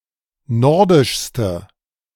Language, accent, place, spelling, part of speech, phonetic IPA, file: German, Germany, Berlin, nordischste, adjective, [ˈnɔʁdɪʃstə], De-nordischste.ogg
- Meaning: inflection of nordisch: 1. strong/mixed nominative/accusative feminine singular superlative degree 2. strong nominative/accusative plural superlative degree